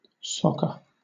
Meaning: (noun) Association football; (verb) To kick the football directly off the ground, without using one's hands
- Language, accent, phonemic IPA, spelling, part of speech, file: English, Southern England, /ˈsɒk.ə/, soccer, noun / verb, LL-Q1860 (eng)-soccer.wav